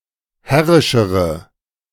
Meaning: inflection of herrisch: 1. strong/mixed nominative/accusative feminine singular comparative degree 2. strong nominative/accusative plural comparative degree
- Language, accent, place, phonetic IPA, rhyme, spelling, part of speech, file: German, Germany, Berlin, [ˈhɛʁɪʃəʁə], -ɛʁɪʃəʁə, herrischere, adjective, De-herrischere.ogg